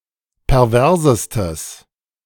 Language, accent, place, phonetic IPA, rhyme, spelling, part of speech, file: German, Germany, Berlin, [pɛʁˈvɛʁzəstəs], -ɛʁzəstəs, perversestes, adjective, De-perversestes.ogg
- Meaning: strong/mixed nominative/accusative neuter singular superlative degree of pervers